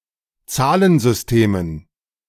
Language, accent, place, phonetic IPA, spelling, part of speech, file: German, Germany, Berlin, [ˈt͡saːlənzʏsˌteːmən], Zahlensystemen, noun, De-Zahlensystemen.ogg
- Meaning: dative plural of Zahlensystem